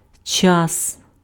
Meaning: 1. time 2. tense
- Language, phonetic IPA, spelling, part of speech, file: Ukrainian, [t͡ʃas], час, noun, Uk-час.ogg